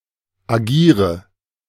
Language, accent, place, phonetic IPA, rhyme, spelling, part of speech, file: German, Germany, Berlin, [aˈɡiːʁə], -iːʁə, agiere, verb, De-agiere.ogg
- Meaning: inflection of agieren: 1. first-person singular present 2. first/third-person singular subjunctive I 3. singular imperative